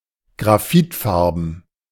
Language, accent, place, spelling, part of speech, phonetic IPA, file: German, Germany, Berlin, graphitfarben, adjective, [ɡʁaˈfɪtˌfaʁbn̩], De-graphitfarben.ogg
- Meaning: 1. graphite-grey (in colour) 2. charcoal grey